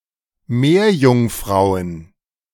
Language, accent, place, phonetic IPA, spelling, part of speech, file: German, Germany, Berlin, [ˈmeːɐ̯jʊŋˌfʁaʊ̯ən], Meerjungfrauen, noun, De-Meerjungfrauen.ogg
- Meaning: plural of Meerjungfrau